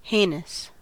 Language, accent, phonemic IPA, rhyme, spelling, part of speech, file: English, US, /ˈheɪnəs/, -eɪnəs, heinous, adjective, En-us-heinous.ogg
- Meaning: 1. Totally reprehensible 2. Bad, evil or villainous